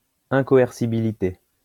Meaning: incoercibility
- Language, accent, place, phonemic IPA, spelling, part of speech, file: French, France, Lyon, /ɛ̃.kɔ.ɛʁ.si.bi.li.te/, incoercibilité, noun, LL-Q150 (fra)-incoercibilité.wav